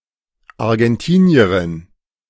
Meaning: A female Argentinian, member of descendant of the people of Argentina
- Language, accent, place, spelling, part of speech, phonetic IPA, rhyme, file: German, Germany, Berlin, Argentinierin, noun, [aʁɡɛnˈtiːni̯əʁɪn], -iːni̯əʁɪn, De-Argentinierin.ogg